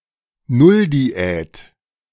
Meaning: starvation diet (i.e. not eating anything)
- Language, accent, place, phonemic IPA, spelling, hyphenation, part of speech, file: German, Germany, Berlin, /ˈnʊldiˌɛːt/, Nulldiät, Null‧di‧ät, noun, De-Nulldiät.ogg